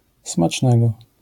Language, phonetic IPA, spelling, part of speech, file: Polish, [smat͡ʃˈnɛɡɔ], smacznego, interjection / adjective, LL-Q809 (pol)-smacznego.wav